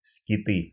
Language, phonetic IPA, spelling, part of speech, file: Russian, [skʲɪˈtɨ], скиты, noun, Ru-скиты.ogg
- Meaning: nominative/accusative plural of скит (skit)